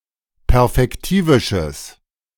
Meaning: strong/mixed nominative/accusative neuter singular of perfektivisch
- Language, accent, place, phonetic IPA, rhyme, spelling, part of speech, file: German, Germany, Berlin, [pɛʁfɛkˈtiːvɪʃəs], -iːvɪʃəs, perfektivisches, adjective, De-perfektivisches.ogg